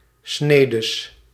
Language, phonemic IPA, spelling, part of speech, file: Dutch, /ˈsnedəs/, snedes, noun, Nl-snedes.ogg
- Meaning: 1. plural of snede 2. plural of snee